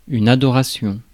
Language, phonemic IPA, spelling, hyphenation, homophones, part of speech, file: French, /a.dɔ.ʁa.sjɔ̃/, adoration, ado‧ra‧tion, adorations, noun, Fr-adoration.ogg
- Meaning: adoration